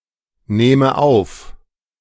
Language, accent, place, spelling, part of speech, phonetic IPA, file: German, Germany, Berlin, nehme auf, verb, [ˌneːmə ˈaʊ̯f], De-nehme auf.ogg
- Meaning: inflection of aufnehmen: 1. first-person singular present 2. first/third-person singular subjunctive I